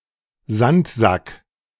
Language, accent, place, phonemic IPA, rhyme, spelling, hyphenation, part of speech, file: German, Germany, Berlin, /ˈzantˌzak/, -ak, Sandsack, Sand‧sack, noun, De-Sandsack.ogg
- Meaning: 1. sandbag 2. punching bag